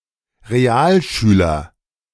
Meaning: Realschule student
- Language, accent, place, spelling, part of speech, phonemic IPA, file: German, Germany, Berlin, Realschüler, noun, /ʁeˈaːlˌʃyːlɐ/, De-Realschüler.ogg